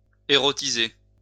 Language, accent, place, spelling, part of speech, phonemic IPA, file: French, France, Lyon, érotiser, verb, /e.ʁɔ.ti.ze/, LL-Q150 (fra)-érotiser.wav
- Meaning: to eroticise/eroticize